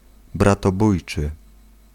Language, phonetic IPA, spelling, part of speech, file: Polish, [ˌbratɔˈbujt͡ʃɨ], bratobójczy, adjective, Pl-bratobójczy.ogg